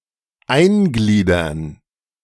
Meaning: to integrate
- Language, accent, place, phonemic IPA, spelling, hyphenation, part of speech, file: German, Germany, Berlin, /ˈaɪ̯nˌɡliːdɐn/, eingliedern, ein‧glie‧dern, verb, De-eingliedern.ogg